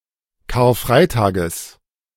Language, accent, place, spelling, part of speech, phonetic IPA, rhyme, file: German, Germany, Berlin, Karfreitages, noun, [kaːɐ̯ˈfʁaɪ̯taːɡəs], -aɪ̯taːɡəs, De-Karfreitages.ogg
- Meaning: genitive singular of Karfreitag